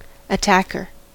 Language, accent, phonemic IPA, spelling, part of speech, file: English, US, /əˈtækɚ/, attacker, noun, En-us-attacker.ogg
- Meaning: 1. Someone who attacks 2. One of the players on a team in football (soccer) in the row nearest to the opposing team's goal, who are therefore principally responsible for scoring goals